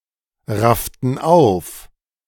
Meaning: inflection of aufraffen: 1. first/third-person plural preterite 2. first/third-person plural subjunctive II
- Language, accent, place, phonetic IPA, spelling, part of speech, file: German, Germany, Berlin, [ˌʁaftn̩ ˈaʊ̯f], rafften auf, verb, De-rafften auf.ogg